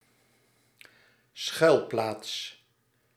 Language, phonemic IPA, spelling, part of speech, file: Dutch, /ˈsxœylplats/, schuilplaats, noun, Nl-schuilplaats.ogg
- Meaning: shelter